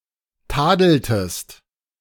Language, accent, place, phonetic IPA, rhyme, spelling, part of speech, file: German, Germany, Berlin, [ˈtaːdl̩təst], -aːdl̩təst, tadeltest, verb, De-tadeltest.ogg
- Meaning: inflection of tadeln: 1. second-person singular preterite 2. second-person singular subjunctive II